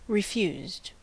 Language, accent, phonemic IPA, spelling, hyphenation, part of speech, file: English, US, /ɹɪˈfjuːzd/, refused, re‧fused, verb, En-us-refused.ogg
- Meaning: simple past and past participle of refuse